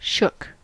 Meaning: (noun) 1. A set of pieces for making a cask or box, usually wood 2. The parts of a piece of house furniture, as a bedstead, packed together; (verb) To pack (staves, etc.) in a shook
- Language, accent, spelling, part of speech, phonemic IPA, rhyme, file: English, US, shook, noun / verb / adjective, /ʃʊk/, -ʊk, En-us-shook.ogg